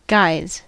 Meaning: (noun) 1. plural of guy 2. Used to address a group of people regardless of gender; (verb) third-person singular simple present indicative of guy
- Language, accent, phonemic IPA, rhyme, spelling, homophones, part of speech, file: English, US, /ɡaɪz/, -aɪz, guys, guise, noun / verb, En-us-guys.ogg